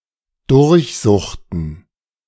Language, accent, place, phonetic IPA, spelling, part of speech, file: German, Germany, Berlin, [ˈdʊʁçˌzʊxtn̩], durchsuchten, verb, De-durchsuchten.ogg
- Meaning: inflection of durchsuchen: 1. first/third-person plural preterite 2. first/third-person plural subjunctive II